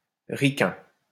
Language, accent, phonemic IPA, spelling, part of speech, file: French, France, /ʁi.kɛ̃/, ricain, adjective / noun, LL-Q150 (fra)-ricain.wav
- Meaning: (adjective) Yank, Yankee